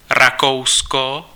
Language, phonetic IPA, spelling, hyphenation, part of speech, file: Czech, [ˈrakou̯sko], Rakousko, Ra‧kou‧s‧ko, proper noun, Cs-Rakousko.ogg
- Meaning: Austria (a country in Central Europe)